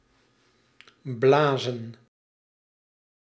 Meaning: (verb) 1. to blow 2. to hiss (like a cat); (noun) plural of blaas
- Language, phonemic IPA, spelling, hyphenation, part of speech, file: Dutch, /ˈblaːzə(n)/, blazen, bla‧zen, verb / noun, Nl-blazen.ogg